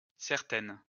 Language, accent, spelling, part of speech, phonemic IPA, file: French, France, certaine, adjective, /sɛʁ.tɛn/, LL-Q150 (fra)-certaine.wav
- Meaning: feminine singular of certain